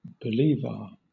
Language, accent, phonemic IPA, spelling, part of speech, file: English, Southern England, /bəˈliːvɑː(ɹ)/, bolívar, noun, LL-Q1860 (eng)-bolívar.wav
- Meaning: The currency of Venezuela, divided into 100 céntimos